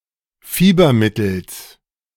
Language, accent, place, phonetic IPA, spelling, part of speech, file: German, Germany, Berlin, [ˈfiːbɐˌmɪtl̩s], Fiebermittels, noun, De-Fiebermittels.ogg
- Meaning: genitive singular of Fiebermittel